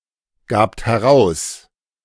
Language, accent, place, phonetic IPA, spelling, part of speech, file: German, Germany, Berlin, [ˌɡaːpt hɛˈʁaʊ̯s], gabt heraus, verb, De-gabt heraus.ogg
- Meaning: second-person plural preterite of herausgeben